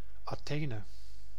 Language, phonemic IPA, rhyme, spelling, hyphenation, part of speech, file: Dutch, /aːˈteː.nə/, -eːnə, Athene, Athe‧ne, proper noun, Nl-Athene.ogg
- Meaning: 1. Athens (the capital city of Greece) 2. Athena (ancient Greek goddess of wisdom, craft and war)